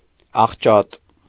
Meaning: distorted, twisted, warped
- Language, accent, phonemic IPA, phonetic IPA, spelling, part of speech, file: Armenian, Eastern Armenian, /ɑχˈt͡ʃɑt/, [ɑχt͡ʃɑ́t], աղճատ, adjective, Hy-աղճատ.ogg